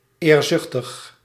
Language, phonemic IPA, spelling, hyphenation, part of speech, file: Dutch, /ˌeːrˈzʏx.təx/, eerzuchtig, eer‧zuch‧tig, adjective, Nl-eerzuchtig.ogg
- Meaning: ambitious (with negative connotations)